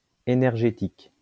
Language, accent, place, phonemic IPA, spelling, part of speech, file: French, France, Lyon, /e.nɛʁ.ʒe.tik/, énergétique, adjective / noun, LL-Q150 (fra)-énergétique.wav
- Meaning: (adjective) energy; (noun) energetics (science of energy)